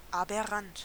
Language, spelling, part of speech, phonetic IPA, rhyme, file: German, aberrant, adjective, [apʔɛˈʁant], -ant, De-aberrant.ogg
- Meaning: aberrant